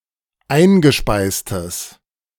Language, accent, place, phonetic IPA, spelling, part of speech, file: German, Germany, Berlin, [ˈaɪ̯nɡəˌʃpaɪ̯stəs], eingespeistes, adjective, De-eingespeistes.ogg
- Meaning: strong/mixed nominative/accusative neuter singular of eingespeist